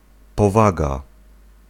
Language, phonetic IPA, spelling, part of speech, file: Polish, [pɔˈvaɡa], powaga, noun / particle, Pl-powaga.ogg